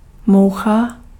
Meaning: 1. fly 2. glitch
- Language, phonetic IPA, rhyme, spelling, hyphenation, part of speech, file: Czech, [ˈmou̯xa], -ou̯xa, moucha, mou‧cha, noun, Cs-moucha.ogg